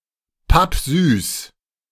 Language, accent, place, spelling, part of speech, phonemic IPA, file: German, Germany, Berlin, pappsüß, adjective, /ˈpapˈzyːs/, De-pappsüß.ogg
- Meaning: very sweet (in taste)